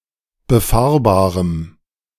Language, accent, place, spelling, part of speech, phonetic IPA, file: German, Germany, Berlin, befahrbarem, adjective, [bəˈfaːɐ̯baːʁəm], De-befahrbarem.ogg
- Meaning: strong dative masculine/neuter singular of befahrbar